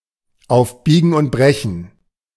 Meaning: by hook or by crook
- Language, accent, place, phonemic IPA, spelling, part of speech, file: German, Germany, Berlin, /ˌʔaʊ̯f ˈbiːɡŋ̩ ˌʔʊnt ˈbʁɛçn̩/, auf Biegen und Brechen, adverb, De-auf Biegen und Brechen.ogg